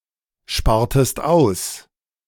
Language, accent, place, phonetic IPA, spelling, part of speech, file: German, Germany, Berlin, [ˌʃpaːɐ̯təst ˈaʊ̯s], spartest aus, verb, De-spartest aus.ogg
- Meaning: inflection of aussparen: 1. second-person singular preterite 2. second-person singular subjunctive II